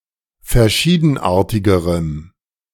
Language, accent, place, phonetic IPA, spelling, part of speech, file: German, Germany, Berlin, [fɛɐ̯ˈʃiːdn̩ˌʔaːɐ̯tɪɡəʁəm], verschiedenartigerem, adjective, De-verschiedenartigerem.ogg
- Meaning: strong dative masculine/neuter singular comparative degree of verschiedenartig